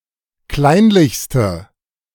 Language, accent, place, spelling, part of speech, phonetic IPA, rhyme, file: German, Germany, Berlin, kleinlichste, adjective, [ˈklaɪ̯nlɪçstə], -aɪ̯nlɪçstə, De-kleinlichste.ogg
- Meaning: inflection of kleinlich: 1. strong/mixed nominative/accusative feminine singular superlative degree 2. strong nominative/accusative plural superlative degree